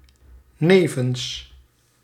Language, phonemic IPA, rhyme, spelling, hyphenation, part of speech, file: Dutch, /ˈneː.vəns/, -eːvəns, nevens, ne‧vens, preposition, Nl-nevens.ogg
- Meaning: 1. beside, next to 2. in addition to